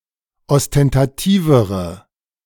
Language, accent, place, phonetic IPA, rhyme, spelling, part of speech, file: German, Germany, Berlin, [ɔstɛntaˈtiːvəʁə], -iːvəʁə, ostentativere, adjective, De-ostentativere.ogg
- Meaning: inflection of ostentativ: 1. strong/mixed nominative/accusative feminine singular comparative degree 2. strong nominative/accusative plural comparative degree